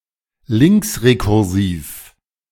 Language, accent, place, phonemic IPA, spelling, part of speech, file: German, Germany, Berlin, /ˈlɪŋksʁekʊʁˌziːf/, linksrekursiv, adjective, De-linksrekursiv.ogg
- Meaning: left-recursive